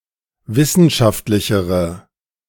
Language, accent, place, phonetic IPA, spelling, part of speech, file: German, Germany, Berlin, [ˈvɪsn̩ʃaftlɪçəʁə], wissenschaftlichere, adjective, De-wissenschaftlichere.ogg
- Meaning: inflection of wissenschaftlich: 1. strong/mixed nominative/accusative feminine singular comparative degree 2. strong nominative/accusative plural comparative degree